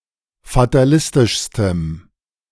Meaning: strong dative masculine/neuter singular superlative degree of fatalistisch
- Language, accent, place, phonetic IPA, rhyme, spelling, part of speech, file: German, Germany, Berlin, [fataˈlɪstɪʃstəm], -ɪstɪʃstəm, fatalistischstem, adjective, De-fatalistischstem.ogg